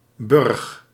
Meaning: synonym of burcht (“fortified place, fortress”)
- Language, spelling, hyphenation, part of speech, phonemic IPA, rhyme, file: Dutch, burg, burg, noun, /bʏrx/, -ʏrx, Nl-burg.ogg